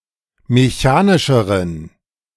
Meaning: inflection of mechanisch: 1. strong genitive masculine/neuter singular comparative degree 2. weak/mixed genitive/dative all-gender singular comparative degree
- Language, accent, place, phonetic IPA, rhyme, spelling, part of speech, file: German, Germany, Berlin, [meˈçaːnɪʃəʁən], -aːnɪʃəʁən, mechanischeren, adjective, De-mechanischeren.ogg